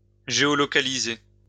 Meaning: to geolocate
- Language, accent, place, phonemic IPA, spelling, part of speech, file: French, France, Lyon, /ʒe.ɔ.lɔ.ka.li.ze/, géolocaliser, verb, LL-Q150 (fra)-géolocaliser.wav